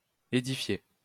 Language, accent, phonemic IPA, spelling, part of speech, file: French, France, /e.di.fje/, ædifier, verb, LL-Q150 (fra)-ædifier.wav
- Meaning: obsolete form of édifier